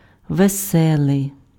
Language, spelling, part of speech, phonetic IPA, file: Ukrainian, веселий, adjective, [ʋeˈsɛɫei̯], Uk-веселий.ogg
- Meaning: merry, cheerful, happy